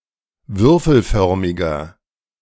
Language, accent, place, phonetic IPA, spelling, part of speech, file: German, Germany, Berlin, [ˈvʏʁfl̩ˌfœʁmɪɡɐ], würfelförmiger, adjective, De-würfelförmiger.ogg
- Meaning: inflection of würfelförmig: 1. strong/mixed nominative masculine singular 2. strong genitive/dative feminine singular 3. strong genitive plural